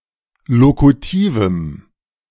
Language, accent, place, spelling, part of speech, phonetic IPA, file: German, Germany, Berlin, lokutivem, adjective, [ˈlokutiːvəm], De-lokutivem.ogg
- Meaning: strong dative masculine/neuter singular of lokutiv